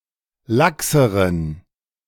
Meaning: inflection of lax: 1. strong genitive masculine/neuter singular comparative degree 2. weak/mixed genitive/dative all-gender singular comparative degree
- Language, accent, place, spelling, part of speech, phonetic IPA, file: German, Germany, Berlin, laxeren, adjective, [ˈlaksəʁən], De-laxeren.ogg